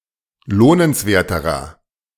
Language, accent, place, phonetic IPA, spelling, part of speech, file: German, Germany, Berlin, [ˈloːnənsˌveːɐ̯təʁɐ], lohnenswerterer, adjective, De-lohnenswerterer.ogg
- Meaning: inflection of lohnenswert: 1. strong/mixed nominative masculine singular comparative degree 2. strong genitive/dative feminine singular comparative degree 3. strong genitive plural comparative degree